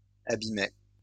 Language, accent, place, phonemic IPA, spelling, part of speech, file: French, France, Lyon, /a.bi.mɛ/, abîmais, verb, LL-Q150 (fra)-abîmais.wav
- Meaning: first/second-person singular imperfect indicative of abîmer